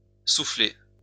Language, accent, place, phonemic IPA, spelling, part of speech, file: French, France, Lyon, /su.fle/, soufflée, verb, LL-Q150 (fra)-soufflée.wav
- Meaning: feminine singular of soufflé